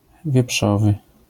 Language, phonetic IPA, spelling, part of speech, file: Polish, [vʲjɛˈpʃɔvɨ], wieprzowy, adjective, LL-Q809 (pol)-wieprzowy.wav